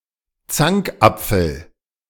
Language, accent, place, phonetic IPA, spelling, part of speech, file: German, Germany, Berlin, [ˈt͡saŋkˌʔap͡fl̩], Zankapfel, noun, De-Zankapfel.ogg
- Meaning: 1. bone of contention 2. apple of discord